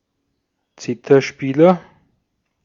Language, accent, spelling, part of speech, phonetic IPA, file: German, Austria, Zitherspieler, noun, [ˈt͡sɪtɐˌʃpiːlɐ], De-at-Zitherspieler.ogg
- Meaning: zither player (male or of unspecified sex)